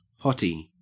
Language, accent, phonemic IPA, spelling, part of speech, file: English, Australia, /ˈhɔti/, hottie, noun, En-au-hottie.ogg
- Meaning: 1. Synonym of hotshot 2. A physically or sexually attractive person 3. A hot water bottle